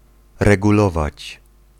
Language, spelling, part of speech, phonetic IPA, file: Polish, regulować, verb, [ˌrɛɡuˈlɔvat͡ɕ], Pl-regulować.ogg